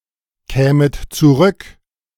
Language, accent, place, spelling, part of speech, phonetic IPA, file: German, Germany, Berlin, kämet zurück, verb, [ˌkɛːmət t͡suˈʁʏk], De-kämet zurück.ogg
- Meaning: second-person plural subjunctive II of zurückkommen